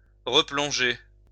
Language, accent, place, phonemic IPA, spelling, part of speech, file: French, France, Lyon, /ʁə.plɔ̃.ʒe/, replonger, verb, LL-Q150 (fra)-replonger.wav
- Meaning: 1. to plunge again or back 2. to relapse